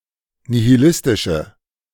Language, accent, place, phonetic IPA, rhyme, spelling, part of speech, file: German, Germany, Berlin, [nihiˈlɪstɪʃə], -ɪstɪʃə, nihilistische, adjective, De-nihilistische.ogg
- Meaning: inflection of nihilistisch: 1. strong/mixed nominative/accusative feminine singular 2. strong nominative/accusative plural 3. weak nominative all-gender singular